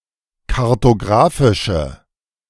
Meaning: inflection of kartographisch: 1. strong/mixed nominative/accusative feminine singular 2. strong nominative/accusative plural 3. weak nominative all-gender singular
- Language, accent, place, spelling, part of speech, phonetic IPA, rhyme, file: German, Germany, Berlin, kartographische, adjective, [kaʁtoˈɡʁaːfɪʃə], -aːfɪʃə, De-kartographische.ogg